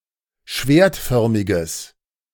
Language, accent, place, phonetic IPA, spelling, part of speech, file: German, Germany, Berlin, [ˈʃveːɐ̯tˌfœʁmɪɡəs], schwertförmiges, adjective, De-schwertförmiges.ogg
- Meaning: strong/mixed nominative/accusative neuter singular of schwertförmig